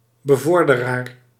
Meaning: patron, promoter
- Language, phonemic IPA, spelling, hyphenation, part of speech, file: Dutch, /bəˈvɔr.dəˌraːr/, bevorderaar, be‧vor‧de‧raar, noun, Nl-bevorderaar.ogg